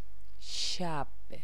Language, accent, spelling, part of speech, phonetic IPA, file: Persian, Iran, شب, noun, [ʃæb̥], Fa-شب.ogg
- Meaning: 1. night 2. evening